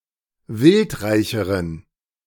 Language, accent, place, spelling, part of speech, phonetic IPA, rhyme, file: German, Germany, Berlin, wildreicheren, adjective, [ˈvɪltˌʁaɪ̯çəʁən], -ɪltʁaɪ̯çəʁən, De-wildreicheren.ogg
- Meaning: inflection of wildreich: 1. strong genitive masculine/neuter singular comparative degree 2. weak/mixed genitive/dative all-gender singular comparative degree